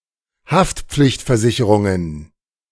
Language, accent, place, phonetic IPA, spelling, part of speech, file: German, Germany, Berlin, [ˈhaftp͡flɪçtfɛɐ̯ˌzɪçəʁʊŋən], Haftpflichtversicherungen, noun, De-Haftpflichtversicherungen.ogg
- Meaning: plural of Haftpflichtversicherung